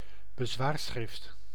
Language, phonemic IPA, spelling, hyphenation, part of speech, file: Dutch, /bəˈzʋaːrˌsxrɪft/, bezwaarschrift, be‧zwaar‧schrift, noun, Nl-bezwaarschrift.ogg
- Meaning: 1. remonstrance, written notice of objection 2. statement or written notice of appeal